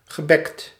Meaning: past participle of bekken
- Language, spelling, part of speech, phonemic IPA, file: Dutch, gebekt, adjective / verb, /ɣəˈbɛkt/, Nl-gebekt.ogg